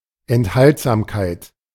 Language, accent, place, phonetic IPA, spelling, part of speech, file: German, Germany, Berlin, [ɛntˈhaltzaːmkaɪ̯t], Enthaltsamkeit, noun, De-Enthaltsamkeit.ogg
- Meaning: abstinence